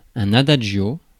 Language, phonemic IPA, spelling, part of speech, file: French, /a.da(d)ʒ.jo/, adagio, adverb / noun, Fr-adagio.ogg
- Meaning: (adverb) adagio